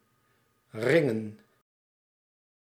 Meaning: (noun) plural of ring; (verb) to ring
- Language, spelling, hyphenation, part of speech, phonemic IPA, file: Dutch, ringen, rin‧gen, noun / verb, /ˈrɪŋə(n)/, Nl-ringen.ogg